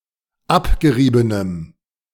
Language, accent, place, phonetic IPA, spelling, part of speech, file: German, Germany, Berlin, [ˈapɡəˌʁiːbənəm], abgeriebenem, adjective, De-abgeriebenem.ogg
- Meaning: strong dative masculine/neuter singular of abgerieben